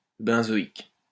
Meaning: benzoic
- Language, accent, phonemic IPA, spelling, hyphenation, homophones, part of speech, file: French, France, /bɛ̃.zɔ.ik/, benzoïque, ben‧zo‧ïque, benzoïques, adjective, LL-Q150 (fra)-benzoïque.wav